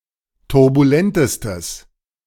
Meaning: strong/mixed nominative/accusative neuter singular superlative degree of turbulent
- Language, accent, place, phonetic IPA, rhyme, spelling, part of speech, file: German, Germany, Berlin, [tʊʁbuˈlɛntəstəs], -ɛntəstəs, turbulentestes, adjective, De-turbulentestes.ogg